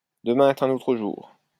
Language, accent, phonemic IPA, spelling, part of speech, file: French, France, /də.mɛ̃ ɛ.t‿œ̃.n‿o.tʁə ʒuʁ/, demain est un autre jour, proverb, LL-Q150 (fra)-demain est un autre jour.wav
- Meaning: tomorrow is another day